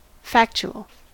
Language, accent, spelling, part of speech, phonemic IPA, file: English, US, factual, adjective / noun, /ˈfæk.tʃ(u)əl/, En-us-factual.ogg
- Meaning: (adjective) 1. Pertaining to or consisting of objective claims 2. True, accurate, corresponding to reality; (noun) Programmes having content based on facts, such as documentaries